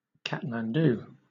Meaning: 1. The capital city of Nepal 2. The capital city of Nepal.: The Nepalese government
- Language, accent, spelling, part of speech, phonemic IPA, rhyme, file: English, Southern England, Kathmandu, proper noun, /ˌkæt.mænˈduː/, -uː, LL-Q1860 (eng)-Kathmandu.wav